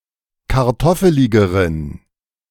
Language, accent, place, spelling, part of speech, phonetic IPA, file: German, Germany, Berlin, kartoffeligeren, adjective, [kaʁˈtɔfəlɪɡəʁən], De-kartoffeligeren.ogg
- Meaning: inflection of kartoffelig: 1. strong genitive masculine/neuter singular comparative degree 2. weak/mixed genitive/dative all-gender singular comparative degree